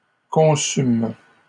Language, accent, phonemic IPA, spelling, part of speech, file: French, Canada, /kɔ̃.sym/, conçûmes, verb, LL-Q150 (fra)-conçûmes.wav
- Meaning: first-person plural past historic of concevoir